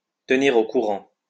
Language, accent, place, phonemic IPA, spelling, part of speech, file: French, France, Lyon, /tə.ni.ʁ‿o ku.ʁɑ̃/, tenir au courant, verb, LL-Q150 (fra)-tenir au courant.wav
- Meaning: to keep informed, to keep in the loop, to keep posted